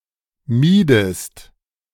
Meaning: inflection of meiden: 1. second-person singular preterite 2. second-person singular subjunctive II
- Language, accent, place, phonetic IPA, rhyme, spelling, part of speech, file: German, Germany, Berlin, [ˈmiːdəst], -iːdəst, miedest, verb, De-miedest.ogg